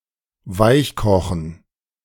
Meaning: 1. to cook until soft 2. to cajole
- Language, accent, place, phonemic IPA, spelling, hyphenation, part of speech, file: German, Germany, Berlin, /ˈvaɪ̯çˌkɔxn̩/, weichkochen, weich‧ko‧chen, verb, De-weichkochen.ogg